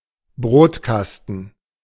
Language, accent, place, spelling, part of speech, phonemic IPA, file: German, Germany, Berlin, Brotkasten, noun, /ˈbʁoːtˌkastn̩/, De-Brotkasten.ogg
- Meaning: 1. bread box, breadbin 2. C64 home computer, especially the original model